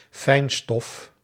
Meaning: particulate matter
- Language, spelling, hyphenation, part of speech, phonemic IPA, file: Dutch, fijnstof, fijn‧stof, noun, /ˈfɛi̯n.stɔf/, Nl-fijnstof.ogg